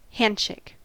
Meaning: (noun) The grasping of hands by two people when greeting, leave-taking, or making an agreement
- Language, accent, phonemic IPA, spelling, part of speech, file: English, US, /ˈhæn(d)ˌʃeɪk/, handshake, noun / verb, En-us-handshake.ogg